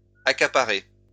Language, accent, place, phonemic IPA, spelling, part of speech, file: French, France, Lyon, /a.ka.pa.ʁe/, accaparés, verb, LL-Q150 (fra)-accaparés.wav
- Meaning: masculine plural of accaparé